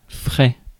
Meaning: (adjective) 1. fresh (recently produced, unspoiled) 2. fresh (well-rested) 3. fresh, cool (of temperature, wind, etc.) 4. fresh, recent (just happened); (noun) cost, charge
- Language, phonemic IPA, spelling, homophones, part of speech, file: French, /fʁɛ/, frais, feraient / ferais / ferait / fret, adjective / noun, Fr-frais.ogg